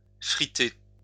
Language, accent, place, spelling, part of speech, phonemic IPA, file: French, France, Lyon, fritter, verb, /fʁi.te/, LL-Q150 (fra)-fritter.wav
- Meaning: to fritter / sinter